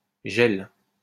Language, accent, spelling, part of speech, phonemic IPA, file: French, France, gèle, verb, /ʒɛl/, LL-Q150 (fra)-gèle.wav
- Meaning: inflection of geler: 1. first/third-person singular present indicative/subjunctive 2. second-person singular imperative